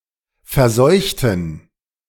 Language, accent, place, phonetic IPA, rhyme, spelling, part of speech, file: German, Germany, Berlin, [fɛɐ̯ˈzɔɪ̯çtn̩], -ɔɪ̯çtn̩, verseuchten, adjective / verb, De-verseuchten.ogg
- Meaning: inflection of verseuchen: 1. first/third-person plural preterite 2. first/third-person plural subjunctive II